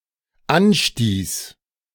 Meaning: first/third-person singular dependent preterite of anstoßen
- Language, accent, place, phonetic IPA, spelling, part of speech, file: German, Germany, Berlin, [ˈanˌʃtiːs], anstieß, verb, De-anstieß.ogg